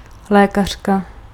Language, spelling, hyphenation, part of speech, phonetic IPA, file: Czech, lékařka, lé‧kař‧ka, noun, [ˈlɛːkar̝̊ka], Cs-lékařka.ogg
- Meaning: doctor, physician (female)